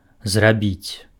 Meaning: to do, to make
- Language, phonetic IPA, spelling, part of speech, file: Belarusian, [zraˈbʲit͡sʲ], зрабіць, verb, Be-зрабіць.ogg